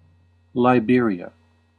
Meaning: 1. A country in West Africa, on the Atlantic Ocean, with Monrovia as its capital. Official name: Republic of Liberia 2. The provincial capital of Guanacaste, Costa Rica
- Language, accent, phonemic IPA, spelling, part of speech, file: English, US, /laɪˈbɪɹ.i.ə/, Liberia, proper noun, En-us-Liberia.ogg